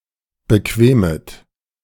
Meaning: second-person plural subjunctive I of bequemen
- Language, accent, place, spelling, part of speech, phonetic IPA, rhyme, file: German, Germany, Berlin, bequemet, verb, [bəˈkveːmət], -eːmət, De-bequemet.ogg